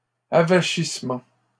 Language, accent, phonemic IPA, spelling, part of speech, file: French, Canada, /a.va.ʃis.mɑ̃/, avachissement, noun, LL-Q150 (fra)-avachissement.wav
- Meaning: limpness, sagging